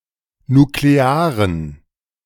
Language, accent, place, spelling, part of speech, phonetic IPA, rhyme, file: German, Germany, Berlin, nuklearen, adjective, [nukleˈaːʁən], -aːʁən, De-nuklearen.ogg
- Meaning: inflection of nuklear: 1. strong genitive masculine/neuter singular 2. weak/mixed genitive/dative all-gender singular 3. strong/weak/mixed accusative masculine singular 4. strong dative plural